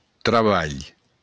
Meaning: work
- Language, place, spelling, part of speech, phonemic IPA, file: Occitan, Béarn, trabalh, noun, /tɾaˈbaʎ/, LL-Q14185 (oci)-trabalh.wav